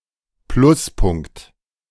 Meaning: advantage, plus point, plus
- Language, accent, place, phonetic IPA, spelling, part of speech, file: German, Germany, Berlin, [ˈplʊsˌpʊŋkt], Pluspunkt, noun, De-Pluspunkt.ogg